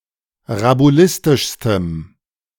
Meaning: strong dative masculine/neuter singular superlative degree of rabulistisch
- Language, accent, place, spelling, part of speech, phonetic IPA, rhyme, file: German, Germany, Berlin, rabulistischstem, adjective, [ʁabuˈlɪstɪʃstəm], -ɪstɪʃstəm, De-rabulistischstem.ogg